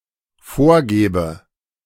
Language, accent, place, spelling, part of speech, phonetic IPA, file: German, Germany, Berlin, vorgäbe, verb, [ˈfoːɐ̯ˌɡɛːbə], De-vorgäbe.ogg
- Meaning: first/third-person singular dependent subjunctive II of vorgeben